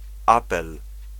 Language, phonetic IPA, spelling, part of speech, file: Polish, [ˈapɛl], apel, noun, Pl-apel.ogg